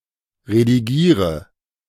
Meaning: inflection of redigieren: 1. first-person singular present 2. first/third-person singular subjunctive I 3. singular imperative
- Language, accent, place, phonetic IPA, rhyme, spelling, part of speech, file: German, Germany, Berlin, [ʁediˈɡiːʁə], -iːʁə, redigiere, verb, De-redigiere.ogg